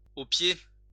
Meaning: to heel!
- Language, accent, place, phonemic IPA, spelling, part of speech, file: French, France, Lyon, /o pje/, au pied, interjection, LL-Q150 (fra)-au pied.wav